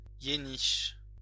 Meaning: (adjective) Yenish; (noun) Yenish (language)
- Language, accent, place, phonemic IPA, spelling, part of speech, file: French, France, Lyon, /je.niʃ/, yéniche, adjective / noun, LL-Q150 (fra)-yéniche.wav